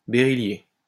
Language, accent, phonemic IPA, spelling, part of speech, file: French, France, /be.ʁi.lje/, béryllié, adjective, LL-Q150 (fra)-béryllié.wav
- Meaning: beryllium